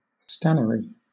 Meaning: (adjective) Of or pertaining to tin mining, especially in Cornwall; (noun) A tin mine or tinworks
- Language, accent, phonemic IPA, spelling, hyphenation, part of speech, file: English, Southern England, /ˈstænəɹi/, stannary, stan‧na‧ry, adjective / noun, LL-Q1860 (eng)-stannary.wav